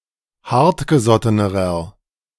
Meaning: inflection of hartgesotten: 1. strong/mixed nominative masculine singular comparative degree 2. strong genitive/dative feminine singular comparative degree 3. strong genitive plural comparative degree
- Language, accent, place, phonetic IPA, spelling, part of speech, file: German, Germany, Berlin, [ˈhaʁtɡəˌzɔtənəʁɐ], hartgesottenerer, adjective, De-hartgesottenerer.ogg